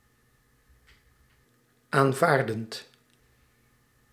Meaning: present participle of aanvaarden
- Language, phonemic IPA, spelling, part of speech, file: Dutch, /aɱˈvardənt/, aanvaardend, verb, Nl-aanvaardend.ogg